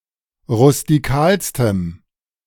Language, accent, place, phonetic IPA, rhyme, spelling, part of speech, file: German, Germany, Berlin, [ʁʊstiˈkaːlstəm], -aːlstəm, rustikalstem, adjective, De-rustikalstem.ogg
- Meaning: strong dative masculine/neuter singular superlative degree of rustikal